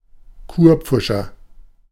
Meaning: quack, quacksalver (unqualified healer or incompetent doctor; male or unspecified sex)
- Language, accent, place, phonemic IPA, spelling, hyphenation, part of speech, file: German, Germany, Berlin, /ˈkuːrˌ(p)fʊʃər/, Kurpfuscher, Kur‧pfu‧scher, noun, De-Kurpfuscher.ogg